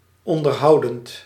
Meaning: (verb) present participle of onderhouden; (adjective) amusing, entertaining
- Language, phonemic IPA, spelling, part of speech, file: Dutch, /ˌɔn.dərˈɦɑu̯.dənt/, onderhoudend, verb / adjective, Nl-onderhoudend.ogg